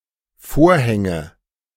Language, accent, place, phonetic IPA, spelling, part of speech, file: German, Germany, Berlin, [ˈfoːɐ̯hɛŋə], Vorhänge, noun, De-Vorhänge.ogg
- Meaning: nominative/accusative/genitive plural of Vorhang